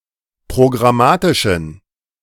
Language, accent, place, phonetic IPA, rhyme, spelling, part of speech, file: German, Germany, Berlin, [pʁoɡʁaˈmaːtɪʃn̩], -aːtɪʃn̩, programmatischen, adjective, De-programmatischen.ogg
- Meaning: inflection of programmatisch: 1. strong genitive masculine/neuter singular 2. weak/mixed genitive/dative all-gender singular 3. strong/weak/mixed accusative masculine singular 4. strong dative plural